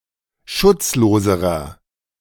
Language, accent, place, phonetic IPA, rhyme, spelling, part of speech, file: German, Germany, Berlin, [ˈʃʊt͡sˌloːzəʁɐ], -ʊt͡sloːzəʁɐ, schutzloserer, adjective, De-schutzloserer.ogg
- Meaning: inflection of schutzlos: 1. strong/mixed nominative masculine singular comparative degree 2. strong genitive/dative feminine singular comparative degree 3. strong genitive plural comparative degree